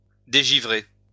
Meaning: to de-ice, defrost
- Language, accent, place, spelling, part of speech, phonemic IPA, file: French, France, Lyon, dégivrer, verb, /de.ʒi.vʁe/, LL-Q150 (fra)-dégivrer.wav